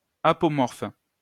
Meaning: apomorphic
- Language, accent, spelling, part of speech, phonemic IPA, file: French, France, apomorphe, adjective, /a.pɔ.mɔʁf/, LL-Q150 (fra)-apomorphe.wav